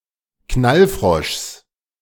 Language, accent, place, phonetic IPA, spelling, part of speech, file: German, Germany, Berlin, [ˈknalˌfʁɔʃs], Knallfroschs, noun, De-Knallfroschs.ogg
- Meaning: genitive singular of Knallfrosch